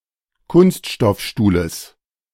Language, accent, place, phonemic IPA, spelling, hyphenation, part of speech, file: German, Germany, Berlin, /ˈkʊnstʃtɔfˌʃtuːləs/, Kunststoffstuhles, Kunst‧stoff‧stuh‧les, noun, De-Kunststoffstuhles.ogg
- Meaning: genitive singular of Kunststoffstuhl